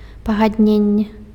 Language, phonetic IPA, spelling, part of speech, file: Belarusian, [paɣadˈnʲenʲːe], пагадненне, noun, Be-пагадненне.ogg
- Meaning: agreement